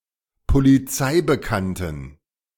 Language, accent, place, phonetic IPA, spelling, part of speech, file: German, Germany, Berlin, [poliˈt͡saɪ̯bəˌkantn̩], polizeibekannten, adjective, De-polizeibekannten.ogg
- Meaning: inflection of polizeibekannt: 1. strong genitive masculine/neuter singular 2. weak/mixed genitive/dative all-gender singular 3. strong/weak/mixed accusative masculine singular 4. strong dative plural